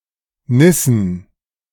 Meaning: plural of Nisse
- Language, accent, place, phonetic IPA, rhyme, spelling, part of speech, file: German, Germany, Berlin, [ˈnɪsn̩], -ɪsn̩, Nissen, noun, De-Nissen.ogg